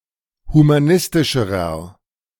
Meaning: inflection of humanistisch: 1. strong/mixed nominative masculine singular comparative degree 2. strong genitive/dative feminine singular comparative degree 3. strong genitive plural comparative degree
- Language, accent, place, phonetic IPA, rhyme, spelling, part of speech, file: German, Germany, Berlin, [humaˈnɪstɪʃəʁɐ], -ɪstɪʃəʁɐ, humanistischerer, adjective, De-humanistischerer.ogg